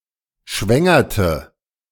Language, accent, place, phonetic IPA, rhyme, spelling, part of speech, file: German, Germany, Berlin, [ˈʃvɛŋɐtə], -ɛŋɐtə, schwängerte, verb, De-schwängerte.ogg
- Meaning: inflection of schwängern: 1. first/third-person singular preterite 2. first/third-person singular subjunctive II